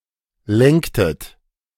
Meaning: inflection of lenken: 1. second-person plural preterite 2. second-person plural subjunctive II
- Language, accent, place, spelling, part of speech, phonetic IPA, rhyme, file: German, Germany, Berlin, lenktet, verb, [ˈlɛŋktət], -ɛŋktət, De-lenktet.ogg